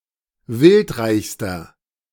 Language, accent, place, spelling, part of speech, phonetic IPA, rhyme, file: German, Germany, Berlin, wildreichster, adjective, [ˈvɪltˌʁaɪ̯çstɐ], -ɪltʁaɪ̯çstɐ, De-wildreichster.ogg
- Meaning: inflection of wildreich: 1. strong/mixed nominative masculine singular superlative degree 2. strong genitive/dative feminine singular superlative degree 3. strong genitive plural superlative degree